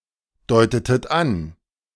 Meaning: inflection of andeuten: 1. second-person plural preterite 2. second-person plural subjunctive II
- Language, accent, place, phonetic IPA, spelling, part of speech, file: German, Germany, Berlin, [ˌdɔɪ̯tətət ˈan], deutetet an, verb, De-deutetet an.ogg